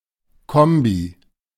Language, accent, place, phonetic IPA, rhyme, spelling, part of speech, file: German, Germany, Berlin, [ˈkɔmbi], -ɔmbi, Kombi, noun, De-Kombi.ogg
- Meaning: 1. clipping of Kombiwagen (“station wagon”); wagon 2. clipping of Kombination